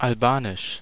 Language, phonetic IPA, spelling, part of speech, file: German, [alˈbaːnɪʃ], Albanisch, proper noun, De-Albanisch.ogg
- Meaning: Albanian language